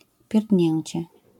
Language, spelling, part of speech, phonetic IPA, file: Polish, pierdnięcie, noun, [pʲjɛrdʲˈɲɛ̇̃ɲt͡ɕɛ], LL-Q809 (pol)-pierdnięcie.wav